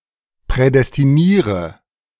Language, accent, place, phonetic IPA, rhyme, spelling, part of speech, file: German, Germany, Berlin, [pʁɛdɛstiˈniːʁə], -iːʁə, prädestiniere, verb, De-prädestiniere.ogg
- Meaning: inflection of prädestinieren: 1. first-person singular present 2. first/third-person singular subjunctive I 3. singular imperative